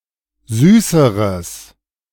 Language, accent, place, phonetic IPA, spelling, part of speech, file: German, Germany, Berlin, [ˈzyːsəʁəs], süßeres, adjective, De-süßeres.ogg
- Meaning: strong/mixed nominative/accusative neuter singular comparative degree of süß